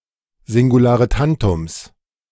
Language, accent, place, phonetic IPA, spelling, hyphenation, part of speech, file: German, Germany, Berlin, [zɪŋɡuˌlaːʁəˈtantʊms], Singularetantums, Sin‧gu‧la‧re‧tan‧tums, noun, De-Singularetantums.ogg
- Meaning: 1. genitive singular of Singularetantum 2. plural of Singularetantum